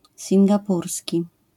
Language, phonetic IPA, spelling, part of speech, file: Polish, [ˌsʲĩŋɡaˈpursʲci], singapurski, adjective, LL-Q809 (pol)-singapurski.wav